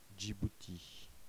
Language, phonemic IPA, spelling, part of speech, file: French, /dʒi.bu.ti/, Djibouti, proper noun, Fr-Djibouti.ogg
- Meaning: 1. Djibouti (a country in East Africa) 2. Djibouti (the capital city of Djibouti)